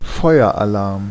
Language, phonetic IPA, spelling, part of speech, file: German, [ˈfɔɪ̯ɐʔaˌlaʁm], Feueralarm, noun, De-Feueralarm.ogg
- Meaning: fire alarm